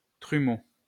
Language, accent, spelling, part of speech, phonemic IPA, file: French, France, trumeau, noun, /tʁy.mo/, LL-Q150 (fra)-trumeau.wav
- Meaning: 1. calf 2. trumeau 3. pier glass